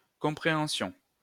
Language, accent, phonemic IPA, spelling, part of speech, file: French, France, /kɔ̃.pʁe.ɑ̃.sjɔ̃/, compréhension, noun, LL-Q150 (fra)-compréhension.wav
- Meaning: comprehension, understanding